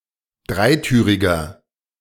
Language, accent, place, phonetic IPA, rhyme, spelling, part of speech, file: German, Germany, Berlin, [ˈdʁaɪ̯ˌtyːʁɪɡɐ], -aɪ̯tyːʁɪɡɐ, dreitüriger, adjective, De-dreitüriger.ogg
- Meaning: inflection of dreitürig: 1. strong/mixed nominative masculine singular 2. strong genitive/dative feminine singular 3. strong genitive plural